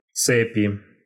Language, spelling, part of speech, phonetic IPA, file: Russian, цепи, noun, [ˈt͡sɛpʲɪ], Ru-цепи.ogg
- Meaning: 1. inflection of цепь (cepʹ) 2. inflection of цепь (cepʹ): genitive/dative/prepositional singular 3. inflection of цепь (cepʹ): nominative/accusative plural